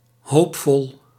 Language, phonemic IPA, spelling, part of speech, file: Dutch, /ˈhopfɔl/, hoopvol, adjective, Nl-hoopvol.ogg
- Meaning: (adjective) hopeful; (adverb) hopefully, in a hopeful manner